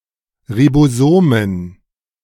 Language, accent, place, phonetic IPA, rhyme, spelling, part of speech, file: German, Germany, Berlin, [ʁiboˈzoːmən], -oːmən, Ribosomen, noun, De-Ribosomen.ogg
- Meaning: plural of Ribosom